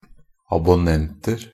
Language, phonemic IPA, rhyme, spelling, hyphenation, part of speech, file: Norwegian Bokmål, /abʊˈnɛntər/, -ər, abonnenter, ab‧on‧nent‧er, noun, NB - Pronunciation of Norwegian Bokmål «abonnenter».ogg
- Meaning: indefinite plural of abonnent